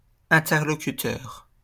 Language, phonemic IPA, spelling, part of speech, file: French, /ɛ̃.tɛʁ.lɔ.ky.tœʁ/, interlocuteur, noun, LL-Q150 (fra)-interlocuteur.wav
- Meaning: interlocutor, person with whom one speaks